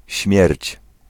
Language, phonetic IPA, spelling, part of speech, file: Polish, [ɕmʲjɛrʲt͡ɕ], śmierć, noun, Pl-śmierć.ogg